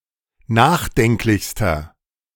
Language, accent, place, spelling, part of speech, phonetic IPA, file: German, Germany, Berlin, nachdenklichster, adjective, [ˈnaːxˌdɛŋklɪçstɐ], De-nachdenklichster.ogg
- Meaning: inflection of nachdenklich: 1. strong/mixed nominative masculine singular superlative degree 2. strong genitive/dative feminine singular superlative degree 3. strong genitive plural superlative degree